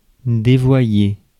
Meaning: 1. to mislead, to lead astray 2. to go down the wrong path, to turn delinquent, to leave the straight and narrow 3. to twist, corrupt
- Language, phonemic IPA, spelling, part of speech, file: French, /de.vwa.je/, dévoyer, verb, Fr-dévoyer.ogg